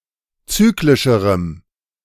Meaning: strong dative masculine/neuter singular comparative degree of zyklisch
- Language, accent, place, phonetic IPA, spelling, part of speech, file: German, Germany, Berlin, [ˈt͡syːklɪʃəʁəm], zyklischerem, adjective, De-zyklischerem.ogg